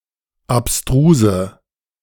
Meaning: inflection of abstrus: 1. strong/mixed nominative/accusative feminine singular 2. strong nominative/accusative plural 3. weak nominative all-gender singular 4. weak accusative feminine/neuter singular
- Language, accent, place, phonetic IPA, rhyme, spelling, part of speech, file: German, Germany, Berlin, [apˈstʁuːzə], -uːzə, abstruse, adjective, De-abstruse.ogg